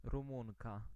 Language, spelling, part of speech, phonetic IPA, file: Polish, Rumunka, noun, [rũˈmũŋka], Pl-Rumunka.ogg